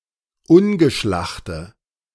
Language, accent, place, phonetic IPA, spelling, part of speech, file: German, Germany, Berlin, [ˈʊnɡəˌʃlaxtə], ungeschlachte, adjective, De-ungeschlachte.ogg
- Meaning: inflection of ungeschlacht: 1. strong/mixed nominative/accusative feminine singular 2. strong nominative/accusative plural 3. weak nominative all-gender singular